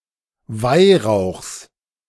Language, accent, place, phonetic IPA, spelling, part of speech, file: German, Germany, Berlin, [ˈvaɪ̯ʁaʊ̯xs], Weihrauchs, noun, De-Weihrauchs.ogg
- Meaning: genitive singular of Weihrauch